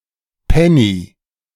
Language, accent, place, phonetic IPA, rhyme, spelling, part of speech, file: German, Germany, Berlin, [ˈpɛni], -ɛni, Penny, noun, De-Penny.ogg
- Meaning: penny